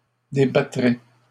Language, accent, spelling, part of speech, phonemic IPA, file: French, Canada, débattrez, verb, /de.ba.tʁe/, LL-Q150 (fra)-débattrez.wav
- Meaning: second-person plural future of débattre